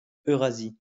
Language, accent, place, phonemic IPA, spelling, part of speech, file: French, France, Lyon, /ø.ʁa.zi/, Eurasie, proper noun, LL-Q150 (fra)-Eurasie.wav
- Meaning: Eurasia (a supercontinent consisting of Europe and Asia)